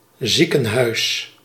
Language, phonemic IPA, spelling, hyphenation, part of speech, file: Dutch, /ˈzi.kə(n)ˌɦœy̯s/, ziekenhuis, zie‧ken‧huis, noun, Nl-ziekenhuis.ogg
- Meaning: 1. a hospital, medical care facility 2. an infirmary